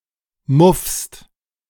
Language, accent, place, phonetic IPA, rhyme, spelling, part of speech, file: German, Germany, Berlin, [mʊfst], -ʊfst, muffst, verb, De-muffst.ogg
- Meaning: second-person singular present of muffen